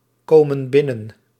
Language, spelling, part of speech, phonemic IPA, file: Dutch, komen binnen, verb, /ˈkomə(n) ˈbɪnən/, Nl-komen binnen.ogg
- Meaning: inflection of binnenkomen: 1. plural present indicative 2. plural present subjunctive